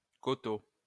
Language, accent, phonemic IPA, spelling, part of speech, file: French, France, /ko.to/, koto, noun, LL-Q150 (fra)-koto.wav
- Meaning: koto (musical instruments)